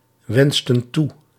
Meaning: inflection of toewensen: 1. plural past indicative 2. plural past subjunctive
- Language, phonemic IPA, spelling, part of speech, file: Dutch, /ˈwɛnstə(n) ˈtu/, wensten toe, verb, Nl-wensten toe.ogg